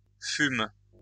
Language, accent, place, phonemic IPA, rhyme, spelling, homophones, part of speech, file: French, France, Lyon, /fym/, -ym, fumes, fume / fument / fûmes, verb, LL-Q150 (fra)-fumes.wav
- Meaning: second-person singular present indicative/subjunctive of fumer